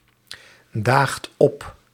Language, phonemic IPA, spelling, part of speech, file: Dutch, /ˈdaxt ˈɔp/, daagt op, verb, Nl-daagt op.ogg
- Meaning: inflection of opdagen: 1. second/third-person singular present indicative 2. plural imperative